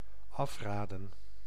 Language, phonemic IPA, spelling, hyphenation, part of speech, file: Dutch, /ˈɑfraːdə(n)/, afraden, af‧ra‧den, verb, Nl-afraden.ogg
- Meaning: to dissuade, to discourage